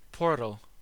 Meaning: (noun) 1. An entrance, entry point, or means of entry 2. An entrance, entry point, or means of entry.: A large primary adit as the main entrance to a mine
- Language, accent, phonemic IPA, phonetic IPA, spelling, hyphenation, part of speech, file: English, US, /ˈpɔːɹtl̩/, [ˈpʰɔːɹɾɫ̩], portal, por‧tal, noun / adjective / verb, En-us-portal.ogg